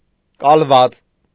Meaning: alternative form of կալվածք (kalvackʻ)
- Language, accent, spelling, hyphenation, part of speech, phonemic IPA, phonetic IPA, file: Armenian, Eastern Armenian, կալված, կալ‧ված, noun, /kɑlˈvɑt͡s/, [kɑlvɑ́t͡s], Hy-կալված.ogg